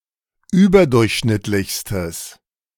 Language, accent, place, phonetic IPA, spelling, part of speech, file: German, Germany, Berlin, [ˈyːbɐˌdʊʁçʃnɪtlɪçstəs], überdurchschnittlichstes, adjective, De-überdurchschnittlichstes.ogg
- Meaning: strong/mixed nominative/accusative neuter singular superlative degree of überdurchschnittlich